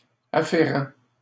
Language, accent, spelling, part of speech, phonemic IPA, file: French, Canada, afférent, adjective, /a.fe.ʁɑ̃/, LL-Q150 (fra)-afférent.wav
- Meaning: 1. relative, pertaining 2. afferent, carrying